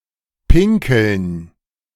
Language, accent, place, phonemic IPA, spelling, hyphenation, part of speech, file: German, Germany, Berlin, /ˈpɪŋkəln/, pinkeln, pin‧keln, verb, De-pinkeln.ogg
- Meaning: to pee